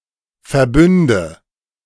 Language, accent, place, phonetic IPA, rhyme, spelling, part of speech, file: German, Germany, Berlin, [fɛɐ̯ˈbʏndə], -ʏndə, Verbünde, noun, De-Verbünde.ogg
- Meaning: nominative/accusative/genitive plural of Verbund